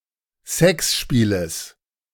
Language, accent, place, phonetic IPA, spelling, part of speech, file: German, Germany, Berlin, [ˈsɛksˌʃpiːləs], Sexspieles, noun, De-Sexspieles.ogg
- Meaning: genitive of Sexspiel